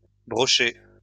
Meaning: plural of brochet
- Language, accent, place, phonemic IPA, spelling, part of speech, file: French, France, Lyon, /bʁɔ.ʃɛ/, brochets, noun, LL-Q150 (fra)-brochets.wav